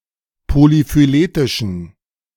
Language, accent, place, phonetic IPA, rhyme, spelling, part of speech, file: German, Germany, Berlin, [polifyˈleːtɪʃn̩], -eːtɪʃn̩, polyphyletischen, adjective, De-polyphyletischen.ogg
- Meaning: inflection of polyphyletisch: 1. strong genitive masculine/neuter singular 2. weak/mixed genitive/dative all-gender singular 3. strong/weak/mixed accusative masculine singular 4. strong dative plural